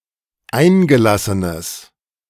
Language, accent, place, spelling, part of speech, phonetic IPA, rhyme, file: German, Germany, Berlin, eingelassenes, adjective, [ˈaɪ̯nɡəˌlasənəs], -aɪ̯nɡəlasənəs, De-eingelassenes.ogg
- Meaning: strong/mixed nominative/accusative neuter singular of eingelassen